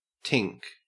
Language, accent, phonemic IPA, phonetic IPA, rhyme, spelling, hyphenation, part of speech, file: English, Australia, /ˈtɪŋk/, [ˈtʰɪŋk], -ɪŋk, tink, tink, verb / noun, En-au-tink.ogg
- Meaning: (verb) To emit a high-pitched sharp or metallic noise; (noun) A sharp, quick sound; a tinkle; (verb) To unknit; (noun) A member of the travelling community. A gypsy